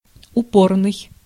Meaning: 1. persistent, insistent 2. stubborn (refusing to move or change one's opinion), resistant 3. thrust (of a bearing or block)
- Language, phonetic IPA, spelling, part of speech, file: Russian, [ʊˈpornɨj], упорный, adjective, Ru-упорный.ogg